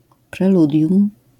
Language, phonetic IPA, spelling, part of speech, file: Polish, [prɛˈludʲjũm], preludium, noun, LL-Q809 (pol)-preludium.wav